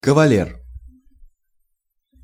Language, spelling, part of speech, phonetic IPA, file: Russian, кавалер, noun, [kəvɐˈlʲer], Ru-кавалер.ogg
- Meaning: 1. cavalier (in medieval Western Europe) 2. knight (a person on whom knighthood has been conferred) 3. a person decorated with an order 4. male dance partner